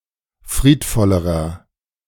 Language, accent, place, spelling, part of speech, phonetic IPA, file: German, Germany, Berlin, friedvollerer, adjective, [ˈfʁiːtˌfɔləʁɐ], De-friedvollerer.ogg
- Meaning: inflection of friedvoll: 1. strong/mixed nominative masculine singular comparative degree 2. strong genitive/dative feminine singular comparative degree 3. strong genitive plural comparative degree